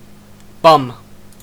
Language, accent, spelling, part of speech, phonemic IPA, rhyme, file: English, Canada, bum, noun / verb / interjection / adjective, /bʌm/, -ʌm, En-ca-bum.ogg
- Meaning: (noun) 1. The buttocks 2. The anus 3. An act of anal sex; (verb) To sodomize; to engage in anal sex; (interjection) An expression of annoyance; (noun) A homeless person, usually a man